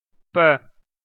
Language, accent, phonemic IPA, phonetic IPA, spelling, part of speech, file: Armenian, Eastern Armenian, /pə/, [pə], պ, character, Hy-EA-պ.ogg
- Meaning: The 26th letter of Armenian alphabet, called պե (pe). Transliterated as p